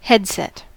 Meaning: 1. A pair of headphones or earphones, or a singular headphone or earphone, typically with an attached microphone 2. Any electronic device worn on the head
- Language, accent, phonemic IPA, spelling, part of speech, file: English, US, /ˈhɛdsɛt/, headset, noun, En-us-headset.ogg